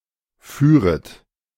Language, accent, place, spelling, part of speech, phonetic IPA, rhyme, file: German, Germany, Berlin, führet, verb, [ˈfyːʁət], -yːʁət, De-führet.ogg
- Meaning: 1. second-person plural subjunctive II of fahren 2. second-person plural subjunctive I of führen